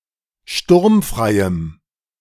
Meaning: strong dative masculine/neuter singular of sturmfrei
- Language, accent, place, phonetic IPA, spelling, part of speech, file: German, Germany, Berlin, [ˈʃtʊʁmfʁaɪ̯əm], sturmfreiem, adjective, De-sturmfreiem.ogg